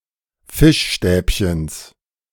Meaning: genitive singular of Fischstäbchen
- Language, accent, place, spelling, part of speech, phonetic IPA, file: German, Germany, Berlin, Fischstäbchens, noun, [ˈfɪʃˌʃtɛːpçəns], De-Fischstäbchens.ogg